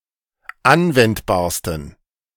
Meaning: 1. superlative degree of anwendbar 2. inflection of anwendbar: strong genitive masculine/neuter singular superlative degree
- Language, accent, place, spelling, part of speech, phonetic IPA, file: German, Germany, Berlin, anwendbarsten, adjective, [ˈanvɛntbaːɐ̯stn̩], De-anwendbarsten.ogg